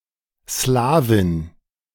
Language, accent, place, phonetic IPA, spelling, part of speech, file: German, Germany, Berlin, [ˈslaː.vɪn], Slawin, noun, De-Slawin.ogg
- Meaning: female equivalent of Slawe (“Slavic person”)